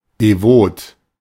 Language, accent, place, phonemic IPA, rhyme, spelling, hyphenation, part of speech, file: German, Germany, Berlin, /deˈvoːt/, -oːt, devot, de‧vot, adjective, De-devot.ogg
- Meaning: submissive, servile